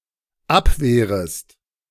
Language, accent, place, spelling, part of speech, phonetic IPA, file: German, Germany, Berlin, abwehrest, verb, [ˈapˌveːʁəst], De-abwehrest.ogg
- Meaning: second-person singular dependent subjunctive I of abwehren